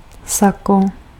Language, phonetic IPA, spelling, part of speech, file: Czech, [ˈsako], sako, noun, Cs-sako.ogg
- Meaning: 1. jacket, blazer (piece of a person's suit) 2. net